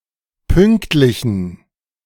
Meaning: inflection of pünktlich: 1. strong genitive masculine/neuter singular 2. weak/mixed genitive/dative all-gender singular 3. strong/weak/mixed accusative masculine singular 4. strong dative plural
- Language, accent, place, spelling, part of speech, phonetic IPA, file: German, Germany, Berlin, pünktlichen, adjective, [ˈpʏŋktlɪçn̩], De-pünktlichen.ogg